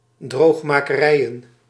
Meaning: plural of droogmakerij
- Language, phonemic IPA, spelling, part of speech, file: Dutch, /ˌdroχmakəˈrɛiəjə(n)/, droogmakerijen, noun, Nl-droogmakerijen.ogg